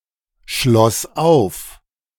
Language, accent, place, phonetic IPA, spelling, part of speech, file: German, Germany, Berlin, [ˌʃlɔs ˈaʊ̯f], schloss auf, verb, De-schloss auf.ogg
- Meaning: first/third-person singular preterite of aufschließen